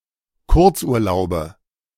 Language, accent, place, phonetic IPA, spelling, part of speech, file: German, Germany, Berlin, [ˈkʊʁt͡sʔuːɐ̯ˌlaʊ̯bə], Kurzurlaube, noun, De-Kurzurlaube.ogg
- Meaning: nominative/accusative/genitive plural of Kurzurlaub